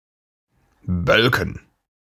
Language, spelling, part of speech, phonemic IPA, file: German, bölken, verb, /ˈbœlkən/, De-bölken.ogg
- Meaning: 1. to bawl; to bellow; to roar 2. to shout in a coarse manner; to bluster; to rumble